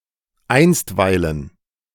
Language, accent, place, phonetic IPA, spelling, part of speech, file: German, Germany, Berlin, [ˈaɪ̯nstˌvaɪ̯lən], einstweilen, adverb, De-einstweilen.ogg
- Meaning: 1. for the time being 2. in the meantime